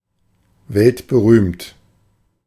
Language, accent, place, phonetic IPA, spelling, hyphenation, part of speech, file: German, Germany, Berlin, [ˈvɛltbəˌʁyːmt], weltberühmt, welt‧be‧rühmt, adjective, De-weltberühmt.ogg
- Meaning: world-famous